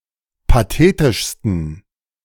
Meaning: 1. superlative degree of pathetisch 2. inflection of pathetisch: strong genitive masculine/neuter singular superlative degree
- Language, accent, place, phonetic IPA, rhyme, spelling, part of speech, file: German, Germany, Berlin, [paˈteːtɪʃstn̩], -eːtɪʃstn̩, pathetischsten, adjective, De-pathetischsten.ogg